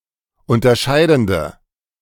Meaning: inflection of unterscheidend: 1. strong/mixed nominative/accusative feminine singular 2. strong nominative/accusative plural 3. weak nominative all-gender singular
- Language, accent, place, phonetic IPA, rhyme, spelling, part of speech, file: German, Germany, Berlin, [ˌʊntɐˈʃaɪ̯dn̩də], -aɪ̯dn̩də, unterscheidende, adjective, De-unterscheidende.ogg